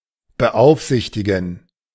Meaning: to supervise
- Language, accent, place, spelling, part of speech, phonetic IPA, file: German, Germany, Berlin, beaufsichtigen, verb, [bəˈʔaʊ̯fˌzɪçtɪɡn̩], De-beaufsichtigen.ogg